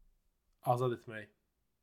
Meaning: 1. to liberate 2. to set free, to free, to release 3. to dismiss, discharge (with vəzifə (“position”) or iş (“job”))
- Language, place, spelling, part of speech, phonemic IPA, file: Azerbaijani, Baku, azad etmək, verb, /ɑˈzɑd etˈmæk/, Az-az-azad etmək.ogg